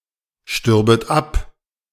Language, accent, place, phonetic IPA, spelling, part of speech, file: German, Germany, Berlin, [ˌʃtʏʁbət ˈap], stürbet ab, verb, De-stürbet ab.ogg
- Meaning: second-person plural subjunctive II of absterben